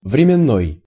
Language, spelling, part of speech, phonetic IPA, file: Russian, временной, adjective, [vrʲɪmʲɪˈnːoj], Ru-временной.ogg
- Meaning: time; temporal